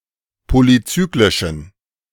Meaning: inflection of polycyclisch: 1. strong genitive masculine/neuter singular 2. weak/mixed genitive/dative all-gender singular 3. strong/weak/mixed accusative masculine singular 4. strong dative plural
- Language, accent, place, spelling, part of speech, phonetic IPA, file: German, Germany, Berlin, polycyclischen, adjective, [ˌpolyˈt͡syːklɪʃn̩], De-polycyclischen.ogg